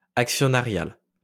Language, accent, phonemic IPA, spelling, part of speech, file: French, France, /ak.sjɔ.na.ʁjal/, actionnarial, adjective, LL-Q150 (fra)-actionnarial.wav
- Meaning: stockholder, shareholder